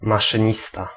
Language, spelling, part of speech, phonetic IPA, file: Polish, maszynista, noun, [ˌmaʃɨ̃ˈɲista], Pl-maszynista.ogg